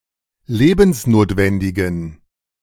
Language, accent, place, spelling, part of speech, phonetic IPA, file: German, Germany, Berlin, lebensnotwendigen, adjective, [ˈleːbn̩sˌnoːtvɛndɪɡn̩], De-lebensnotwendigen.ogg
- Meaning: inflection of lebensnotwendig: 1. strong genitive masculine/neuter singular 2. weak/mixed genitive/dative all-gender singular 3. strong/weak/mixed accusative masculine singular 4. strong dative plural